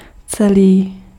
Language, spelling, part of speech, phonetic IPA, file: Czech, celý, adjective, [ˈt͡sɛliː], Cs-celý.ogg
- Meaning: whole